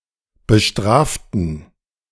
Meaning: inflection of bestrafen: 1. first/third-person plural preterite 2. first/third-person plural subjunctive II
- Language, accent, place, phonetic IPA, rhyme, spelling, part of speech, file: German, Germany, Berlin, [bəˈʃtʁaːftn̩], -aːftn̩, bestraften, adjective / verb, De-bestraften.ogg